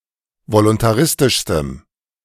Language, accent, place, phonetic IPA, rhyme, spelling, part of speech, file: German, Germany, Berlin, [volʊntaˈʁɪstɪʃstəm], -ɪstɪʃstəm, voluntaristischstem, adjective, De-voluntaristischstem.ogg
- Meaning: strong dative masculine/neuter singular superlative degree of voluntaristisch